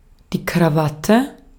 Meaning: necktie
- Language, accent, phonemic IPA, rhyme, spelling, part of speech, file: German, Austria, /kʁaˈvatə/, -atə, Krawatte, noun, De-at-Krawatte.ogg